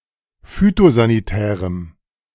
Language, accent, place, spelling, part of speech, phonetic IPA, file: German, Germany, Berlin, phytosanitärem, adjective, [ˈfyːtozaniˌtɛːʁəm], De-phytosanitärem.ogg
- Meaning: strong dative masculine/neuter singular of phytosanitär